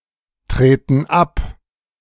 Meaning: inflection of abtreten: 1. first/third-person plural present 2. first/third-person plural subjunctive I
- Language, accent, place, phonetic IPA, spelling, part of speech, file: German, Germany, Berlin, [ˌtʁeːtn̩ ˈap], treten ab, verb, De-treten ab.ogg